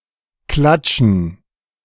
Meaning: 1. gerund of klatschen 2. dative plural of Klatsch
- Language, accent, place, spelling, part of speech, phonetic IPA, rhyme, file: German, Germany, Berlin, Klatschen, noun, [ˈklat͡ʃn̩], -at͡ʃn̩, De-Klatschen.ogg